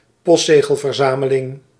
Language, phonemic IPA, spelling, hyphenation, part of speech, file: Dutch, /ˈpɔst.zeː.ɣəl.vərˌzaː.mə.lɪŋ/, postzegelverzameling, post‧ze‧gel‧ver‧za‧me‧ling, noun, Nl-postzegelverzameling.ogg
- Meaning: postage stamp collection